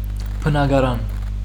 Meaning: flat, apartment
- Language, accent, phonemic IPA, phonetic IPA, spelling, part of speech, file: Armenian, Western Armenian, /pənɑɡɑˈɾɑn/, [pʰənɑɡɑɾɑ́n], բնակարան, noun, HyW-բնակարան.ogg